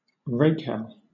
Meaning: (adjective) Immoral; dissolute; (noun) A lewd or wanton person; a debauchee; a rake
- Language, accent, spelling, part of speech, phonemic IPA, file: English, Southern England, rakehell, adjective / noun, /ˈɹeɪkhɛl/, LL-Q1860 (eng)-rakehell.wav